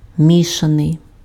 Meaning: mixed
- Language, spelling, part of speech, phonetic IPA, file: Ukrainian, мішаний, adjective, [ˈmʲiʃɐnei̯], Uk-мішаний.ogg